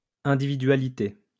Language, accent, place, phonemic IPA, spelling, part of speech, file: French, France, Lyon, /ɛ̃.di.vi.dɥa.li.te/, individualité, noun, LL-Q150 (fra)-individualité.wav
- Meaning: individuality